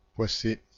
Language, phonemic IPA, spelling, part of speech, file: French, /pwa.se/, poisser, verb, Fr-poisser.ogg
- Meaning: 1. to make sticky 2. to nab (apprehend) 3. to be sticky